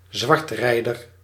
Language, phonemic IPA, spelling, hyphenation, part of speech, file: Dutch, /ˈzʋɑrtˌrɛi̯.dər/, zwartrijder, zwart‧rij‧der, noun, Nl-zwartrijder.ogg
- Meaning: 1. fare dodger 2. road tax dodger